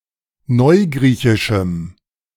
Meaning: strong dative masculine/neuter singular of neugriechisch
- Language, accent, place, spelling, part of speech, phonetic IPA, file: German, Germany, Berlin, neugriechischem, adjective, [ˈnɔɪ̯ˌɡʁiːçɪʃm̩], De-neugriechischem.ogg